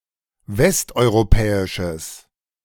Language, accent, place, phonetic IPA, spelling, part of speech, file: German, Germany, Berlin, [ˈvɛstʔɔɪ̯ʁoˌpɛːɪʃəs], westeuropäisches, adjective, De-westeuropäisches.ogg
- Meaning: strong/mixed nominative/accusative neuter singular of westeuropäisch